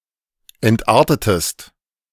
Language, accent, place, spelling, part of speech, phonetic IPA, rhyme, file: German, Germany, Berlin, entartetest, verb, [ɛntˈʔaːɐ̯tətəst], -aːɐ̯tətəst, De-entartetest.ogg
- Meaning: inflection of entarten: 1. second-person singular preterite 2. second-person singular subjunctive II